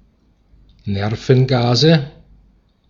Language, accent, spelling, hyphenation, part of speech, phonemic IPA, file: German, Austria, Nervengase, Ner‧ven‧ga‧se, noun, /ˈnɛʁfn̩ɡaːzə/, De-at-Nervengase.ogg
- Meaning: nominative/accusative/genitive plural of Nervengas